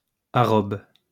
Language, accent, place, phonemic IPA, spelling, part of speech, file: French, France, Lyon, /a.ʁɔb/, arrobe, noun, LL-Q150 (fra)-arrobe.wav
- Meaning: the at symbol, @